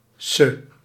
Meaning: 1. Suffix denoting a female inhabitant of a place 2. alternative form of -s (“patronymic suffix”)
- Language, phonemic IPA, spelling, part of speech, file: Dutch, /sə/, -se, suffix, Nl--se.ogg